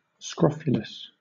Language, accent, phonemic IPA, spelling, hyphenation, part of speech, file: English, Southern England, /ˈskɹɒfjʊləs/, scrofulous, scro‧ful‧ous, adjective, LL-Q1860 (eng)-scrofulous.wav
- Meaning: 1. Of, related to, or suffering from scrofula (form of tuberculosis tending to cause enlarged lymph nodes and skin inflammation) 2. Having an unkempt, unhealthy appearance